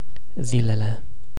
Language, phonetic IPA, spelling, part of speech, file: Romanian, [ˈzilele], zilele, noun, Ro-zilele.ogg
- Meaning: definite nominative/accusative plural of zi